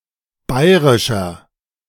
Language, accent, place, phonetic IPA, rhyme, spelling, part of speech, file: German, Germany, Berlin, [ˈbaɪ̯ʁɪʃɐ], -aɪ̯ʁɪʃɐ, bairischer, adjective, De-bairischer.ogg
- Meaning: inflection of bairisch: 1. strong/mixed nominative masculine singular 2. strong genitive/dative feminine singular 3. strong genitive plural